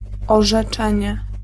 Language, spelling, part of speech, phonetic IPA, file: Polish, orzeczenie, noun, [ˌɔʒɛˈt͡ʃɛ̃ɲɛ], Pl-orzeczenie.ogg